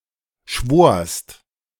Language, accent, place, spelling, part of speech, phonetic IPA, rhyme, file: German, Germany, Berlin, schworst, verb, [ʃvoːɐ̯st], -oːɐ̯st, De-schworst.ogg
- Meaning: second-person singular preterite of schwören